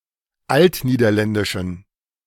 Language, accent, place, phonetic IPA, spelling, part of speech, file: German, Germany, Berlin, [ˈaltniːdɐˌlɛndɪʃn̩], altniederländischen, adjective, De-altniederländischen.ogg
- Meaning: inflection of altniederländisch: 1. strong genitive masculine/neuter singular 2. weak/mixed genitive/dative all-gender singular 3. strong/weak/mixed accusative masculine singular